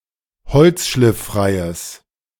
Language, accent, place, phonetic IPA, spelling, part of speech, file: German, Germany, Berlin, [ˈhɔlt͡sʃlɪfˌfʁaɪ̯əs], holzschlifffreies, adjective, De-holzschlifffreies.ogg
- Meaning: strong/mixed nominative/accusative neuter singular of holzschlifffrei